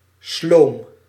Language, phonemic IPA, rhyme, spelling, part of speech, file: Dutch, /sloːm/, -oːm, sloom, adjective, Nl-sloom.ogg
- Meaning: sluggish, slow, lifeless